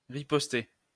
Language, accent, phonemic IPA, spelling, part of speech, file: French, France, /ʁi.pɔs.te/, riposter, verb, LL-Q150 (fra)-riposter.wav
- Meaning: 1. to retort 2. to ripost